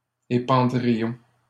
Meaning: first-person plural conditional of épandre
- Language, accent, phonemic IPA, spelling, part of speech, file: French, Canada, /e.pɑ̃.dʁi.jɔ̃/, épandrions, verb, LL-Q150 (fra)-épandrions.wav